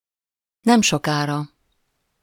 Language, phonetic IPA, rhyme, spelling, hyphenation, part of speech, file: Hungarian, [ˈnɛmʃokaːrɒ], -rɒ, nemsokára, nem‧so‧ká‧ra, adverb, Hu-nemsokára.ogg
- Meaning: soon, shortly